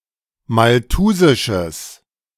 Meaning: strong/mixed nominative/accusative neuter singular of malthusisch
- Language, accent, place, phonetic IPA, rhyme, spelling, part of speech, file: German, Germany, Berlin, [malˈtuːzɪʃəs], -uːzɪʃəs, malthusisches, adjective, De-malthusisches.ogg